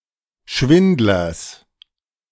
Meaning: genitive singular of Schwindler
- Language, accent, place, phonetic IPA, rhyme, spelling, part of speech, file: German, Germany, Berlin, [ˈʃvɪndlɐs], -ɪndlɐs, Schwindlers, noun, De-Schwindlers.ogg